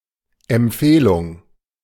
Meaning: recommendation
- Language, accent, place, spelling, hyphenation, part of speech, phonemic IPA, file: German, Germany, Berlin, Empfehlung, Emp‧feh‧lung, noun, /ɛmˈpfeːlʊŋ/, De-Empfehlung.ogg